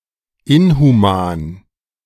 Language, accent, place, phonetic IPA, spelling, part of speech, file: German, Germany, Berlin, [ˈɪnhuˌmaːn], inhuman, adjective, De-inhuman.ogg
- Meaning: inhumane